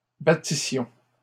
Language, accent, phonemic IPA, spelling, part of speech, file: French, Canada, /ba.ti.sjɔ̃/, battissions, verb, LL-Q150 (fra)-battissions.wav
- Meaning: first-person plural imperfect subjunctive of battre